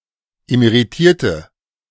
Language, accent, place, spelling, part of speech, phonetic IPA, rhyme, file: German, Germany, Berlin, emeritierte, adjective / verb, [emeʁiˈtiːɐ̯tə], -iːɐ̯tə, De-emeritierte.ogg
- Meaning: inflection of emeritiert: 1. strong/mixed nominative/accusative feminine singular 2. strong nominative/accusative plural 3. weak nominative all-gender singular